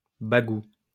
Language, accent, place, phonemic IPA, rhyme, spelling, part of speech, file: French, France, Lyon, /ba.ɡu/, -u, bagout, noun, LL-Q150 (fra)-bagout.wav
- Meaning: alternative form of bagou